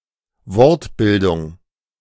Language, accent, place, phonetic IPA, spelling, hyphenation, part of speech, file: German, Germany, Berlin, [ˈvɔʁtˌbɪldʊŋ], Wortbildung, Wort‧bil‧dung, noun, De-Wortbildung.ogg
- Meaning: The study of the construction or creation of words from lexical or derivational morphemes, derivation, word formation, wordbuilding